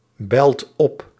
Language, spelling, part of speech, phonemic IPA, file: Dutch, belt op, verb, /ˈbɛlt ˈɔp/, Nl-belt op.ogg
- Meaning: inflection of opbellen: 1. second/third-person singular present indicative 2. plural imperative